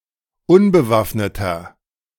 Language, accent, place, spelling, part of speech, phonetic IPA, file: German, Germany, Berlin, unbewaffneter, adjective, [ˈʊnbəˌvafnətɐ], De-unbewaffneter.ogg
- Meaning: inflection of unbewaffnet: 1. strong/mixed nominative masculine singular 2. strong genitive/dative feminine singular 3. strong genitive plural